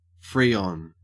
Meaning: 1. Any of several nonflammable refrigerants based on halogenated hydrocarbon including R-12, R-22, and R-23 2. A gaseous ozone-depleting refrigerant 3. A chlorofluorocarbon
- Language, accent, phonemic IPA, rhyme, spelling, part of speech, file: English, Australia, /ˈfɹiːɒn/, -iɒn, freon, noun, En-au-freon.ogg